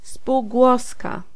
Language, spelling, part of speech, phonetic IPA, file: Polish, spółgłoska, noun, [spuwˈɡwɔska], Pl-spółgłoska.ogg